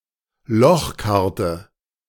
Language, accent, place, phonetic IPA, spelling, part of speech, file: German, Germany, Berlin, [ˈlɔxˌkaʁtə], Lochkarte, noun, De-Lochkarte.ogg
- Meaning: punch card